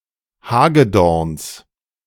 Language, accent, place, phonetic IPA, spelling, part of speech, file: German, Germany, Berlin, [ˈhaːɡəˌdɔʁns], Hagedorns, noun, De-Hagedorns.ogg
- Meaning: genitive of Hagedorn